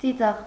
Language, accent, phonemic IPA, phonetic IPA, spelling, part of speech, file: Armenian, Eastern Armenian, /t͡siˈt͡sɑʁ/, [t͡sit͡sɑ́ʁ], ծիծաղ, noun, Hy-ծիծաղ.ogg
- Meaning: laugh, laughter